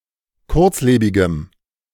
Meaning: strong dative masculine/neuter singular of kurzlebig
- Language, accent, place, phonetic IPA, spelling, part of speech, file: German, Germany, Berlin, [ˈkʊʁt͡sˌleːbɪɡəm], kurzlebigem, adjective, De-kurzlebigem.ogg